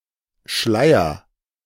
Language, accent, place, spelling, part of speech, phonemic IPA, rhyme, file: German, Germany, Berlin, Schleier, noun, /ˈʃlaɪ̯ɐ/, -aɪ̯ɐ, De-Schleier.ogg
- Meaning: 1. veil 2. haze, mist